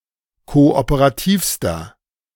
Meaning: inflection of kooperativ: 1. strong/mixed nominative masculine singular superlative degree 2. strong genitive/dative feminine singular superlative degree 3. strong genitive plural superlative degree
- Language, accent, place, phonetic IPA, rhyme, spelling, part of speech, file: German, Germany, Berlin, [ˌkoʔopəʁaˈtiːfstɐ], -iːfstɐ, kooperativster, adjective, De-kooperativster.ogg